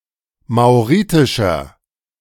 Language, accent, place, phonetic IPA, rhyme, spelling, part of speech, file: German, Germany, Berlin, [maʊ̯ˈʁiːtɪʃɐ], -iːtɪʃɐ, mauritischer, adjective, De-mauritischer.ogg
- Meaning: inflection of mauritisch: 1. strong/mixed nominative masculine singular 2. strong genitive/dative feminine singular 3. strong genitive plural